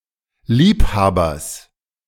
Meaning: genitive singular of Liebhaber
- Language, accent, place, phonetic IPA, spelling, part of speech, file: German, Germany, Berlin, [ˈliːpˌhaːbɐs], Liebhabers, noun, De-Liebhabers.ogg